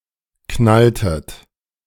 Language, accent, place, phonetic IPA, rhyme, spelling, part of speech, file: German, Germany, Berlin, [ˈknaltət], -altət, knalltet, verb, De-knalltet.ogg
- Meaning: inflection of knallen: 1. second-person plural preterite 2. second-person plural subjunctive II